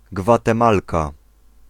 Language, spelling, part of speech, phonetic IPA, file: Polish, Gwatemalka, noun, [ˌɡvatɛ̃ˈmalka], Pl-Gwatemalka.ogg